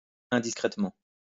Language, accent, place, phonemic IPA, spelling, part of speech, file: French, France, Lyon, /ɛ̃.dis.kʁɛt.mɑ̃/, indiscrètement, adverb, LL-Q150 (fra)-indiscrètement.wav
- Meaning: indiscreetly